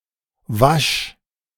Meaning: singular imperative of waschen
- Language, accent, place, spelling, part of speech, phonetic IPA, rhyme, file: German, Germany, Berlin, wasch, verb, [vaʃ], -aʃ, De-wasch.ogg